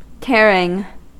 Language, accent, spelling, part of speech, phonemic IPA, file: English, US, tearing, verb / adjective / noun, /ˈtɛɹ.ɪŋ/, En-us-tearing.ogg
- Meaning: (verb) present participle and gerund of tear; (adjective) 1. enormous; of great size or impact 2. very hasty; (noun) The act by which something is torn; a laceration